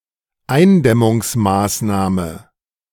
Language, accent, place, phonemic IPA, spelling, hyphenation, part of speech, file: German, Germany, Berlin, /ˈaɪ̯nˌdɛmʊŋsˌmaːsnaːmə/, Eindämmungsmaßnahme, Ein‧däm‧mungs‧maß‧nah‧me, noun, De-Eindämmungsmaßnahme.ogg
- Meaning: containment measure, mitigation action